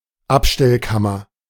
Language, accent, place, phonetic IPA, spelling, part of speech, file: German, Germany, Berlin, [ˈapʃtɛlˌkamɐ], Abstellkammer, noun, De-Abstellkammer.ogg
- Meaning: broom closet, lumber room (small room for storage of various items, tools and furniture)